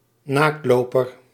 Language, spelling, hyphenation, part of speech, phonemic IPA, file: Dutch, naaktloper, naakt‧lo‧per, noun, /ˈnaːktˌloː.pər/, Nl-naaktloper.ogg
- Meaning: 1. a nudist 2. a 16th-century Anabaptist practicing nudism